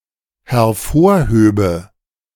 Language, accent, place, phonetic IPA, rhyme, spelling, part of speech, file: German, Germany, Berlin, [hɛɐ̯ˈfoːɐ̯ˌhøːbə], -oːɐ̯høːbə, hervorhöbe, verb, De-hervorhöbe.ogg
- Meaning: first/third-person singular dependent subjunctive II of hervorheben